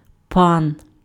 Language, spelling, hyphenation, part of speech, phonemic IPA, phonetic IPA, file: Ukrainian, пан, пан, noun, /pɑn/, [pˠɑn̪], Uk-пан.ogg
- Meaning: 1. lord, master, mister, sir (a general honorific title) 2. landowner in Poland, Ukraine, Belarus of Polish descent